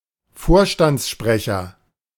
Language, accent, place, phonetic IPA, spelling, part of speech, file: German, Germany, Berlin, [ˈfoːɐ̯ʃtant͡sˌʃpʁɛçɐ], Vorstandssprecher, noun, De-Vorstandssprecher.ogg
- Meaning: executive spokesman